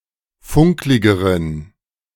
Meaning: inflection of funklig: 1. strong genitive masculine/neuter singular comparative degree 2. weak/mixed genitive/dative all-gender singular comparative degree
- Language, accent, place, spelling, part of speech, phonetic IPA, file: German, Germany, Berlin, funkligeren, adjective, [ˈfʊŋklɪɡəʁən], De-funkligeren.ogg